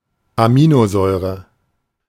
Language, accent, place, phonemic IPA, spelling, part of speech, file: German, Germany, Berlin, /aˈmiːnoˌzɔɪ̯ʁə/, Aminosäure, noun, De-Aminosäure.ogg
- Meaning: amino acid